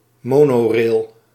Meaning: monorail
- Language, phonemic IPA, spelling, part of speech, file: Dutch, /ˈmoːnoːˌreːl/, monorail, noun, Nl-monorail.ogg